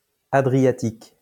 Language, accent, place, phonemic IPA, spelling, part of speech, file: French, France, Lyon, /a.dʁi.ja.tik/, adriatique, adjective, LL-Q150 (fra)-adriatique.wav
- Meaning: Adriatic